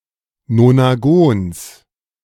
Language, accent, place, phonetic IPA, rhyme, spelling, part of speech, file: German, Germany, Berlin, [nonaˈɡoːns], -oːns, Nonagons, noun, De-Nonagons.ogg
- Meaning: genitive singular of Nonagon